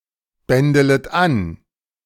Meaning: second-person plural subjunctive I of anbändeln
- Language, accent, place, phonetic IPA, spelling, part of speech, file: German, Germany, Berlin, [ˌbɛndələt ˈan], bändelet an, verb, De-bändelet an.ogg